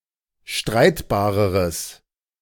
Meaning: strong/mixed nominative/accusative neuter singular comparative degree of streitbar
- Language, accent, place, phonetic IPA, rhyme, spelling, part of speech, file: German, Germany, Berlin, [ˈʃtʁaɪ̯tbaːʁəʁəs], -aɪ̯tbaːʁəʁəs, streitbareres, adjective, De-streitbareres.ogg